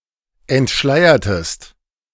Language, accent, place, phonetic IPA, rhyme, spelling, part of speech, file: German, Germany, Berlin, [ɛntˈʃlaɪ̯ɐtəst], -aɪ̯ɐtəst, entschleiertest, verb, De-entschleiertest.ogg
- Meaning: inflection of entschleiern: 1. second-person singular preterite 2. second-person singular subjunctive II